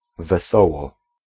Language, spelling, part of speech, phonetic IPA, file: Polish, wesoło, adverb, [vɛˈsɔwɔ], Pl-wesoło.ogg